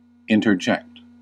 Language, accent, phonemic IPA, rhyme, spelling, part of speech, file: English, US, /ɪn.tɚˈd͡ʒɛkt/, -ɛkt, interject, verb, En-us-interject.ogg
- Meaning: 1. To insert something between other things 2. To say as an interruption or aside 3. To interpose oneself; to intervene